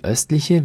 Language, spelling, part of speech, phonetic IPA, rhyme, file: German, östliche, adjective, [ˈœstlɪçə], -œstlɪçə, De-östliche.ogg
- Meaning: inflection of östlich: 1. strong/mixed nominative/accusative feminine singular 2. strong nominative/accusative plural 3. weak nominative all-gender singular 4. weak accusative feminine/neuter singular